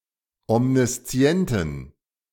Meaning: inflection of omniszient: 1. strong genitive masculine/neuter singular 2. weak/mixed genitive/dative all-gender singular 3. strong/weak/mixed accusative masculine singular 4. strong dative plural
- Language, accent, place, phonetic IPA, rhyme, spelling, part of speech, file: German, Germany, Berlin, [ɔmniˈst͡si̯ɛntn̩], -ɛntn̩, omniszienten, adjective, De-omniszienten.ogg